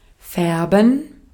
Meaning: 1. to color 2. to dye
- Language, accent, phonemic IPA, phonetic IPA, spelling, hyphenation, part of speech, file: German, Austria, /ˈfɛʁbən/, [ˈfɛɐ̯bm̩], färben, fär‧ben, verb, De-at-färben.ogg